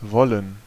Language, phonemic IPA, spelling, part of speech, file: German, /ˈvɔlən/, wollen, adjective / verb, De-wollen.ogg
- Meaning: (adjective) wool; woolen, woollen; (verb) 1. to want; to wish; to desire; to demand 2. to claim something 3. to want 4. to intend, to mean 5. to be about to